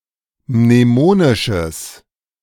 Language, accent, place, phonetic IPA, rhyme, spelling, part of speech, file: German, Germany, Berlin, [mneˈmoːnɪʃəs], -oːnɪʃəs, mnemonisches, adjective, De-mnemonisches.ogg
- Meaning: strong/mixed nominative/accusative neuter singular of mnemonisch